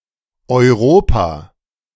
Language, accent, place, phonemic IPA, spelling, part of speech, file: German, Germany, Berlin, /ɔʏ̯ˈʁoːpa/, Europa, proper noun, De-Europa.ogg
- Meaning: 1. Europe (a continent located west of Asia and north of Africa) 2. The European legal space; the territory characterized by the European Union